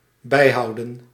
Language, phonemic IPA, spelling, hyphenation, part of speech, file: Dutch, /ˈbɛi̯ɦɑu̯də(n)/, bijhouden, bij‧hou‧den, verb, Nl-bijhouden.ogg
- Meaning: 1. to keep up with (the pace) 2. to maintain, upkeep